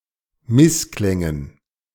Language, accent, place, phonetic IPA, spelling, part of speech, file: German, Germany, Berlin, [ˈmɪsˌklɛŋən], Missklängen, noun, De-Missklängen.ogg
- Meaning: dative plural of Missklang